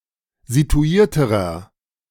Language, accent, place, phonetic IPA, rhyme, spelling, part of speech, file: German, Germany, Berlin, [zituˈiːɐ̯təʁɐ], -iːɐ̯təʁɐ, situierterer, adjective, De-situierterer.ogg
- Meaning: inflection of situiert: 1. strong/mixed nominative masculine singular comparative degree 2. strong genitive/dative feminine singular comparative degree 3. strong genitive plural comparative degree